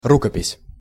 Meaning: manuscript
- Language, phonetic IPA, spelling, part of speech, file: Russian, [ˈrukəpʲɪsʲ], рукопись, noun, Ru-рукопись.ogg